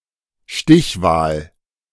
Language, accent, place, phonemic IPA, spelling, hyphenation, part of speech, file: German, Germany, Berlin, /ˈʃtɪçˌvaːl/, Stichwahl, Stich‧wahl, noun, De-Stichwahl.ogg
- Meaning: runoff vote, second ballot